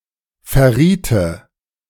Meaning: first/third-person singular subjunctive II of verraten
- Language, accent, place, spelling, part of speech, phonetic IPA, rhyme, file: German, Germany, Berlin, verriete, verb, [fɛɐ̯ˈʁiːtə], -iːtə, De-verriete.ogg